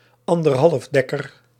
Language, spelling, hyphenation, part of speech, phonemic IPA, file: Dutch, anderhalfdekker, an‧der‧half‧dek‧ker, noun, /ɑn.dərˈɦɑlfˌdɛ.kər/, Nl-anderhalfdekker.ogg
- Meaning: sesquiplane